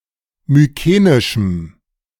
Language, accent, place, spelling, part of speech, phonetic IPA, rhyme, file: German, Germany, Berlin, mykenischem, adjective, [myˈkeːnɪʃm̩], -eːnɪʃm̩, De-mykenischem.ogg
- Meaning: strong dative masculine/neuter singular of mykenisch